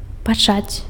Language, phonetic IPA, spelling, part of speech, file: Belarusian, [paˈt͡ʂat͡sʲ], пачаць, verb, Be-пачаць.ogg
- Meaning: to begin, to commence, to start